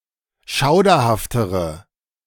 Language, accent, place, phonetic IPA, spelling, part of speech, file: German, Germany, Berlin, [ˈʃaʊ̯dɐhaftəʁə], schauderhaftere, adjective, De-schauderhaftere.ogg
- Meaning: inflection of schauderhaft: 1. strong/mixed nominative/accusative feminine singular comparative degree 2. strong nominative/accusative plural comparative degree